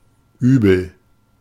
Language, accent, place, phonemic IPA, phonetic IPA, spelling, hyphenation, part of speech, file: German, Germany, Berlin, /ˈyːbəl/, [ˈʔyː.bl̩], übel, übel, adjective, De-übel.ogg
- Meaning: 1. bad, evil, terrible (not good, in quality or morality) 2. unwell, sick, queasy, nauseous